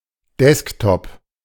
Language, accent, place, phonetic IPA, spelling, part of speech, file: German, Germany, Berlin, [ˈdɛsktɔp], Desktop, noun, De-Desktop.ogg
- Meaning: desktop